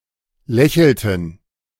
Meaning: inflection of lächeln: 1. first/third-person plural preterite 2. first/third-person plural subjunctive II
- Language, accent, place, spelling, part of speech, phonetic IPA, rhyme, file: German, Germany, Berlin, lächelten, verb, [ˈlɛçl̩tn̩], -ɛçl̩tn̩, De-lächelten.ogg